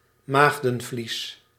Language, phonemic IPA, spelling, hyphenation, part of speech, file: Dutch, /ˈmaːɣdə(n)ˌvlis/, maagdenvlies, maag‧den‧vlies, noun, Nl-maagdenvlies.ogg
- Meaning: the hymen, a membrane which occludes the vagina and is in traditional thinking supposed to remain intact only in virgin females